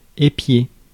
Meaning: 1. to spy on, keep an eye on, watch 2. to watch for 3. to ear
- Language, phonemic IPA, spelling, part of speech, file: French, /e.pje/, épier, verb, Fr-épier.ogg